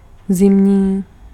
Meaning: winter (related to the season)
- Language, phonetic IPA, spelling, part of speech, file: Czech, [ˈzɪmɲiː], zimní, adjective, Cs-zimní.ogg